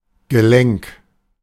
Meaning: joint
- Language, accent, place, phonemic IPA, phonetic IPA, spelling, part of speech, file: German, Germany, Berlin, /ɡəˈlɛŋk/, [ɡəˈlɛŋkʰ], Gelenk, noun, De-Gelenk.ogg